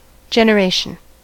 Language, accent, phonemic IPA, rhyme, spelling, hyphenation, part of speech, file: English, US, /ˌd͡ʒɛnəˈɹeɪʃən/, -eɪʃən, generation, gen‧er‧a‧tion, noun, En-us-generation.ogg
- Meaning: 1. The act of creating something or bringing something into being; production, creation 2. The act of creating a living creature or organism; procreation 3. Race, family; breed